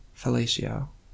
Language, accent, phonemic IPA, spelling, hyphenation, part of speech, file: English, US, /fəˈleɪ.ʃi.oʊ/, fellatio, fel‧la‧tio, noun, En-us-fellatio.ogg
- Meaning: Performance of oral sex upon the penis